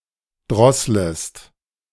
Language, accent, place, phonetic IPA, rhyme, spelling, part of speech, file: German, Germany, Berlin, [ˈdʁɔsləst], -ɔsləst, drosslest, verb, De-drosslest.ogg
- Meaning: second-person singular subjunctive I of drosseln